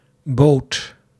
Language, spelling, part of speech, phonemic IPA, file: Dutch, boodt, verb, /bot/, Nl-boodt.ogg
- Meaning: second-person (gij) singular past indicative of bieden